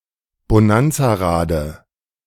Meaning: dative singular of Bonanzarad
- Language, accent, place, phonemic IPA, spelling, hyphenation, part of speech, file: German, Germany, Berlin, /boˈnant͡saːˌʁaːdə/, Bonanzarade, Bo‧nan‧za‧ra‧de, noun, De-Bonanzarade.ogg